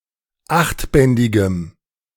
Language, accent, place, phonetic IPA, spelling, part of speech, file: German, Germany, Berlin, [ˈaxtˌbɛndɪɡəm], achtbändigem, adjective, De-achtbändigem.ogg
- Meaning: strong dative masculine/neuter singular of achtbändig